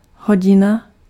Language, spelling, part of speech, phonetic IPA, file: Czech, hodina, noun, [ˈɦoɟɪna], Cs-hodina.ogg
- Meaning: 1. hour 2. o’clock 3. lesson